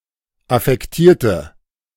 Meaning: inflection of affektiert: 1. strong/mixed nominative/accusative feminine singular 2. strong nominative/accusative plural 3. weak nominative all-gender singular
- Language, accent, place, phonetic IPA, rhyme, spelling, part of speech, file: German, Germany, Berlin, [afɛkˈtiːɐ̯tə], -iːɐ̯tə, affektierte, adjective, De-affektierte.ogg